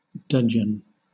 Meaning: 1. A feeling of anger or resentment, especially haughty indignation 2. A kind of wood used especially in the handles of knives; the root of the box tree 3. A hilt made of this wood
- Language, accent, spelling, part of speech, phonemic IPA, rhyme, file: English, Southern England, dudgeon, noun, /ˈdʌd͡ʒən/, -ʌdʒən, LL-Q1860 (eng)-dudgeon.wav